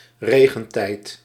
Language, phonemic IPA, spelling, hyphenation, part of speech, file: Dutch, /ˈreː.ɣə(n)ˌtɛi̯t/, regentijd, re‧gen‧tijd, noun, Nl-regentijd.ogg
- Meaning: rainy season